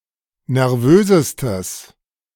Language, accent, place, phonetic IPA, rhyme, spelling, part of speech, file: German, Germany, Berlin, [nɛʁˈvøːzəstəs], -øːzəstəs, nervösestes, adjective, De-nervösestes.ogg
- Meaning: strong/mixed nominative/accusative neuter singular superlative degree of nervös